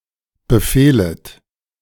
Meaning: second-person plural subjunctive I of befehlen
- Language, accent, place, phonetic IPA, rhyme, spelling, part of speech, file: German, Germany, Berlin, [bəˈfeːlət], -eːlət, befehlet, verb, De-befehlet.ogg